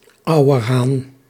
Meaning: male western capercaillie, male wood grouse
- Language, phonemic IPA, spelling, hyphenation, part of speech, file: Dutch, /ˈɑu̯.ərˌɦaːn/, auerhaan, au‧er‧haan, noun, Nl-auerhaan.ogg